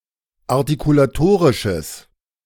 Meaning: strong/mixed nominative/accusative neuter singular of artikulatorisch
- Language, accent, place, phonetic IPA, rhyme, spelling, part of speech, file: German, Germany, Berlin, [aʁtikulaˈtoːʁɪʃəs], -oːʁɪʃəs, artikulatorisches, adjective, De-artikulatorisches.ogg